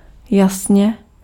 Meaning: 1. clearly 2. brightly 3. surely
- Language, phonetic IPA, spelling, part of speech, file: Czech, [ˈjasɲɛ], jasně, adverb, Cs-jasně.ogg